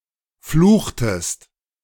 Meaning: inflection of fluchen: 1. second-person singular preterite 2. second-person singular subjunctive II
- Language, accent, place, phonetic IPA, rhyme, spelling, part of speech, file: German, Germany, Berlin, [ˈfluːxtəst], -uːxtəst, fluchtest, verb, De-fluchtest.ogg